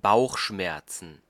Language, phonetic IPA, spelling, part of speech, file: German, [ˈbaʊ̯xˌʃmɛʁt͡sn̩], Bauchschmerzen, noun, De-Bauchschmerzen.ogg
- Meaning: plural of Bauchschmerz